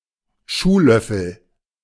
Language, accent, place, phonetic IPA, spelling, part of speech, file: German, Germany, Berlin, [ˈʃuːˌlœfl̩], Schuhlöffel, noun, De-Schuhlöffel.ogg
- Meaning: shoehorn